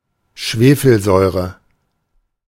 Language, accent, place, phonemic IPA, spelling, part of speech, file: German, Germany, Berlin, /ˈʃveːfəlˌzɔʏ̯ʁə/, Schwefelsäure, noun, De-Schwefelsäure.ogg
- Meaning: sulfuric acid